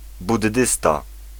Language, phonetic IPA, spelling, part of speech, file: Polish, [budˈːɨsta], buddysta, noun, Pl-buddysta.ogg